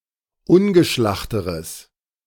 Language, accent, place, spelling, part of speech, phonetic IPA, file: German, Germany, Berlin, ungeschlachteres, adjective, [ˈʊnɡəˌʃlaxtəʁəs], De-ungeschlachteres.ogg
- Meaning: strong/mixed nominative/accusative neuter singular comparative degree of ungeschlacht